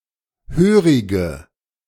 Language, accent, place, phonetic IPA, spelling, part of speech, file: German, Germany, Berlin, [ˈhøːʁɪɡə], hörige, adjective, De-hörige.ogg
- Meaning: inflection of hörig: 1. strong/mixed nominative/accusative feminine singular 2. strong nominative/accusative plural 3. weak nominative all-gender singular 4. weak accusative feminine/neuter singular